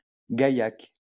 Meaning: a red wine from the Midi-Pyrénées
- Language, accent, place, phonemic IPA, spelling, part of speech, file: French, France, Lyon, /ɡa.jak/, gaillac, noun, LL-Q150 (fra)-gaillac.wav